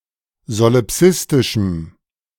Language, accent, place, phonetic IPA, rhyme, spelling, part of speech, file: German, Germany, Berlin, [zolɪˈpsɪstɪʃm̩], -ɪstɪʃm̩, solipsistischem, adjective, De-solipsistischem.ogg
- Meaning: strong dative masculine/neuter singular of solipsistisch